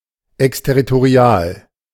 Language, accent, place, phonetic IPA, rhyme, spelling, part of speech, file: German, Germany, Berlin, [ɛkstɛʁitoˈʁi̯aːl], -aːl, exterritorial, adjective, De-exterritorial.ogg
- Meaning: exterritorial